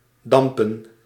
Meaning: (verb) 1. to steam, to give off steam or smoke 2. to vape (to inhale the vapour of an electronic cigarette); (noun) plural of damp
- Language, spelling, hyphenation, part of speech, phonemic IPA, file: Dutch, dampen, dam‧pen, verb / noun, /ˈdɑmpə(n)/, Nl-dampen.ogg